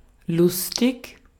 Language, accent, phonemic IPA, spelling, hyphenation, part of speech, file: German, Austria, /ˈlʊstɪk/, lustig, lus‧tig, adjective, De-at-lustig.ogg
- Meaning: 1. funny, humorous 2. enjoyable, amusing, fun 3. enjoying, pleasing